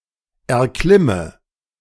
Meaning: inflection of erklimmen: 1. first-person singular present 2. first/third-person singular subjunctive I 3. singular imperative
- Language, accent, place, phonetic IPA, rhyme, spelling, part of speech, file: German, Germany, Berlin, [ɛɐ̯ˈklɪmə], -ɪmə, erklimme, verb, De-erklimme.ogg